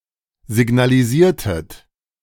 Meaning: inflection of signalisieren: 1. second-person plural preterite 2. second-person plural subjunctive II
- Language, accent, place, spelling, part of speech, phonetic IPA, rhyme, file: German, Germany, Berlin, signalisiertet, verb, [zɪɡnaliˈziːɐ̯tət], -iːɐ̯tət, De-signalisiertet.ogg